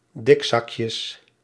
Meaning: plural of dikzakje
- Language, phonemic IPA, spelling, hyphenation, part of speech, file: Dutch, /ˈdɪkˌsɑkjəs/, dikzakjes, dik‧zak‧jes, noun, Nl-dikzakjes.ogg